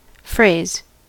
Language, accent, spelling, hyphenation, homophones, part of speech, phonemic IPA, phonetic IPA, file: English, US, phrase, phrase, fraise / frays, noun / verb, /ˈfɹeɪ̯z/, [ˈfɹʷeɪ̯z], En-us-phrase.ogg
- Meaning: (noun) A short written or spoken expression